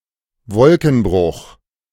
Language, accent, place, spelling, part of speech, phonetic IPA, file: German, Germany, Berlin, Wolkenbruch, noun, [ˈvɔlkn̩ˌbʁʊχ], De-Wolkenbruch.ogg
- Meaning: cloudburst (sudden heavy rainstorm)